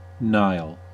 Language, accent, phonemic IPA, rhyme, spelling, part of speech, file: English, US, /naɪl/, -aɪl, Nile, proper noun, En-us-Nile.ogg